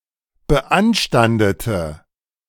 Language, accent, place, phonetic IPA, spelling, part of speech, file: German, Germany, Berlin, [bəˈʔanʃtandətə], beanstandete, adjective / verb, De-beanstandete.ogg
- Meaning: inflection of beanstanden: 1. first/third-person singular preterite 2. first/third-person singular subjunctive II